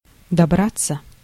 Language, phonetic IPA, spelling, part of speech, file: Russian, [dɐˈbrat͡sːə], добраться, verb, Ru-добраться.ogg
- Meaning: 1. to get (to), to reach 2. passive of добра́ть (dobrátʹ)